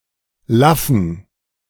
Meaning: inflection of laff: 1. strong genitive masculine/neuter singular 2. weak/mixed genitive/dative all-gender singular 3. strong/weak/mixed accusative masculine singular 4. strong dative plural
- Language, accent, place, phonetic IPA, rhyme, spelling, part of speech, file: German, Germany, Berlin, [ˈlafn̩], -afn̩, laffen, adjective, De-laffen.ogg